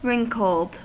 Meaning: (adjective) Uneven, with many furrows and prominent points, often in reference to the skin or hide of animals; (verb) simple past and past participle of wrinkle
- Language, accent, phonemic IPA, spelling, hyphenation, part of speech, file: English, US, /ˈɹɪŋkl̩d/, wrinkled, wrink‧led, adjective / verb, En-us-wrinkled.ogg